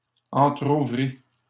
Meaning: third-person singular past historic of entrouvrir
- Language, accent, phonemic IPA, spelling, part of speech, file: French, Canada, /ɑ̃.tʁu.vʁi/, entrouvrit, verb, LL-Q150 (fra)-entrouvrit.wav